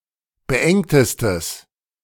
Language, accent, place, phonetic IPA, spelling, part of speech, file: German, Germany, Berlin, [bəˈʔɛŋtəstəs], beengtestes, adjective, De-beengtestes.ogg
- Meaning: strong/mixed nominative/accusative neuter singular superlative degree of beengt